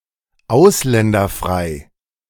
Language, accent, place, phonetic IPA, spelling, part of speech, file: German, Germany, Berlin, [ˈaʊ̯slɛndɐˌfʁaɪ̯], ausländerfrei, adjective, De-ausländerfrei.ogg
- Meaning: free of foreigners